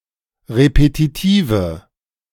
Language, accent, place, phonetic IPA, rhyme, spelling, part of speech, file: German, Germany, Berlin, [ʁepetiˈtiːvə], -iːvə, repetitive, adjective, De-repetitive.ogg
- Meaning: inflection of repetitiv: 1. strong/mixed nominative/accusative feminine singular 2. strong nominative/accusative plural 3. weak nominative all-gender singular